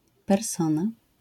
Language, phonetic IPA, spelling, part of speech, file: Polish, [pɛrˈsɔ̃na], persona, noun, LL-Q809 (pol)-persona.wav